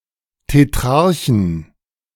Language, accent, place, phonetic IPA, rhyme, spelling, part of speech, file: German, Germany, Berlin, [teˈtʁaʁçn̩], -aʁçn̩, Tetrarchen, noun, De-Tetrarchen.ogg
- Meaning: 1. genitive singular of Tetrarch 2. plural of Tetrarch